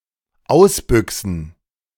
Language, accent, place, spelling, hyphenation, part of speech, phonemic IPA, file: German, Germany, Berlin, ausbüxen, aus‧bü‧xen, verb, /ˈaʊ̯sˌbʏksn̩/, De-ausbüxen.ogg
- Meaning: to run off, to abscond (especially of pets and livestock escaping their encosure or home)